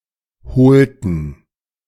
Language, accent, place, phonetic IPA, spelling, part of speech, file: German, Germany, Berlin, [bəˈt͡saɪ̯çnətɐ], bezeichneter, adjective, De-bezeichneter.ogg
- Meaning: inflection of bezeichnet: 1. strong/mixed nominative masculine singular 2. strong genitive/dative feminine singular 3. strong genitive plural